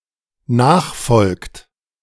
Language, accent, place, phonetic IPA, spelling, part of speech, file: German, Germany, Berlin, [ˈnaːxˌfɔlkt], nachfolgt, verb, De-nachfolgt.ogg
- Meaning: inflection of nachfolgen: 1. third-person singular dependent present 2. second-person plural dependent present